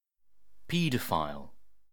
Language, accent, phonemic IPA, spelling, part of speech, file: English, UK, /ˈpiː.dəˌfaɪl/, paedophile, noun, En-uk-paedophile.ogg
- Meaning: Commonwealth standard spelling of pedophile